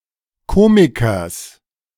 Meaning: genitive singular of Komiker
- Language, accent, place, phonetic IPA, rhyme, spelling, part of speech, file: German, Germany, Berlin, [ˈkoːmɪkɐs], -oːmɪkɐs, Komikers, noun, De-Komikers.ogg